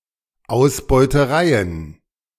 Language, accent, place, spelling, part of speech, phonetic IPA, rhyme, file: German, Germany, Berlin, Ausbeutereien, noun, [aʊ̯sbɔɪ̯təˈʁaɪ̯ən], -aɪ̯ən, De-Ausbeutereien.ogg
- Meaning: plural of Ausbeuterei